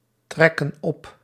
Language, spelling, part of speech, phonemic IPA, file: Dutch, trekken op, verb, /ˈtrɛkə(n) ˈɔp/, Nl-trekken op.ogg
- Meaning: inflection of optrekken: 1. plural present indicative 2. plural present subjunctive